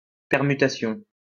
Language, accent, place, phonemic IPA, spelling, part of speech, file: French, France, Lyon, /pɛʁ.my.ta.sjɔ̃/, permutation, noun, LL-Q150 (fra)-permutation.wav
- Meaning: permutation